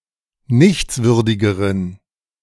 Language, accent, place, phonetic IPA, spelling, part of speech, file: German, Germany, Berlin, [ˈnɪçt͡sˌvʏʁdɪɡəʁən], nichtswürdigeren, adjective, De-nichtswürdigeren.ogg
- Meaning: inflection of nichtswürdig: 1. strong genitive masculine/neuter singular comparative degree 2. weak/mixed genitive/dative all-gender singular comparative degree